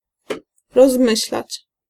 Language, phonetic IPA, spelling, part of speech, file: Polish, [rɔzˈmɨɕlat͡ɕ], rozmyślać, verb, Pl-rozmyślać.ogg